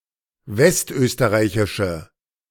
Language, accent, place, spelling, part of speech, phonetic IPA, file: German, Germany, Berlin, westösterreichische, adjective, [ˈvɛstˌʔøːstəʁaɪ̯çɪʃə], De-westösterreichische.ogg
- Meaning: inflection of westösterreichisch: 1. strong/mixed nominative/accusative feminine singular 2. strong nominative/accusative plural 3. weak nominative all-gender singular